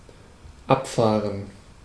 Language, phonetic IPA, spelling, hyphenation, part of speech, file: German, [ˈapfaːrən], abfahren, ab‧fah‧ren, verb, De-abfahren.ogg
- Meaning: 1. to depart, to leave 2. to carry off, to remove 3. to go for; to be crazy about, for; to be a fan of or infatuated with [with auf ‘someone/something’]